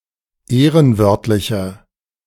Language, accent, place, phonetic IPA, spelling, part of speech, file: German, Germany, Berlin, [ˈeːʁənˌvœʁtlɪçɐ], ehrenwörtlicher, adjective, De-ehrenwörtlicher.ogg
- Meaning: inflection of ehrenwörtlich: 1. strong/mixed nominative masculine singular 2. strong genitive/dative feminine singular 3. strong genitive plural